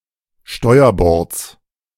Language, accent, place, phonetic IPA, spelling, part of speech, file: German, Germany, Berlin, [ˈʃtɔɪ̯ɐˌbɔʁt͡s], Steuerbords, noun, De-Steuerbords.ogg
- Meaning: genitive singular of Steuerbord